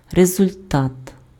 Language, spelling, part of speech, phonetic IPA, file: Ukrainian, результат, noun, [rezʊlʲˈtat], Uk-результат.ogg
- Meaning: effect, result, return, outcome